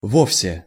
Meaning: at all
- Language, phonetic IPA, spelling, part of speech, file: Russian, [ˈvofsʲe], вовсе, adverb, Ru-вовсе.ogg